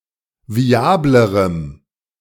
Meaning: strong dative masculine/neuter singular comparative degree of viabel
- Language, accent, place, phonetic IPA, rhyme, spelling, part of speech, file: German, Germany, Berlin, [viˈaːbləʁəm], -aːbləʁəm, viablerem, adjective, De-viablerem.ogg